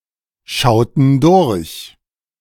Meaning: inflection of durchschauen: 1. first/third-person plural preterite 2. first/third-person plural subjunctive II
- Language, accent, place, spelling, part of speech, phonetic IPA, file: German, Germany, Berlin, schauten durch, verb, [ˌʃaʊ̯tn̩ ˈdʊʁç], De-schauten durch.ogg